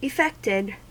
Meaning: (verb) simple past and past participle of effect; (adjective) Modified by effects
- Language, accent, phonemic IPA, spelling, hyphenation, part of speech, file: English, US, /ɪˈfɛktɪd/, effected, ef‧fect‧ed, verb / adjective, En-us-effected.ogg